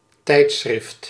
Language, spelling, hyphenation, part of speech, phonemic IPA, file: Dutch, tijdschrift, tijd‧schrift, noun, /ˈtɛi̯t.sxrɪft/, Nl-tijdschrift.ogg
- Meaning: 1. magazine (periodical of which print instalments appear) 2. magazine (copy/issue of a periodical) 3. chronogram